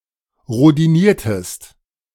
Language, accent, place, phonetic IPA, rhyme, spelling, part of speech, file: German, Germany, Berlin, [ʁodiˈniːɐ̯təst], -iːɐ̯təst, rhodiniertest, verb, De-rhodiniertest.ogg
- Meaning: inflection of rhodinieren: 1. second-person singular preterite 2. second-person singular subjunctive II